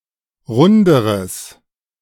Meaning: strong/mixed nominative/accusative neuter singular comparative degree of rund
- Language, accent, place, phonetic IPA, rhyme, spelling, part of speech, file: German, Germany, Berlin, [ˈʁʊndəʁəs], -ʊndəʁəs, runderes, adjective, De-runderes.ogg